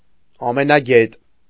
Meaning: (adjective) all-knowing, omniscient; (noun) know-it-all
- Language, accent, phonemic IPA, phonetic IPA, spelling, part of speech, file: Armenian, Eastern Armenian, /ɑmenɑˈɡet/, [ɑmenɑɡét], ամենագետ, adjective / noun, Hy-ամենագետ.ogg